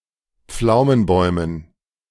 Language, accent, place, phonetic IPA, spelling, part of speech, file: German, Germany, Berlin, [ˈp͡flaʊ̯mənˌbɔɪ̯mən], Pflaumenbäumen, noun, De-Pflaumenbäumen.ogg
- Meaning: dative plural of Pflaumenbaum